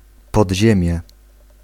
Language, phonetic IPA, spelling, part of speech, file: Polish, [pɔdʲˈʑɛ̃mʲjɛ], podziemie, noun, Pl-podziemie.ogg